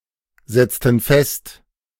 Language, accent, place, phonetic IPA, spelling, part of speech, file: German, Germany, Berlin, [ˌzɛt͡stn̩ ˈfɛst], setzten fest, verb, De-setzten fest.ogg
- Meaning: inflection of festsetzen: 1. first/third-person plural preterite 2. first/third-person plural subjunctive II